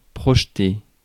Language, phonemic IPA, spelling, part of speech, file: French, /pʁɔʒ.te/, projeter, verb, Fr-projeter.ogg
- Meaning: 1. throw, hurl 2. project 3. plan (to create a plan for)